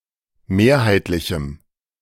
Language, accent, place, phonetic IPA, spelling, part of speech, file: German, Germany, Berlin, [ˈmeːɐ̯haɪ̯tlɪçm̩], mehrheitlichem, adjective, De-mehrheitlichem.ogg
- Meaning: strong dative masculine/neuter singular of mehrheitlich